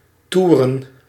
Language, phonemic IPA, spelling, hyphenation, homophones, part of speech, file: Dutch, /ˈtu.rə(n)/, toeren, toe‧ren, touren, verb / noun, Nl-toeren.ogg
- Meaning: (verb) 1. to go out riding, to travel by bike, bicycle touring 2. to be on tour; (noun) plural of toer